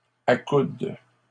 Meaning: second-person singular present indicative/subjunctive of accouder
- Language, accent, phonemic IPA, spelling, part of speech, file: French, Canada, /a.kud/, accoudes, verb, LL-Q150 (fra)-accoudes.wav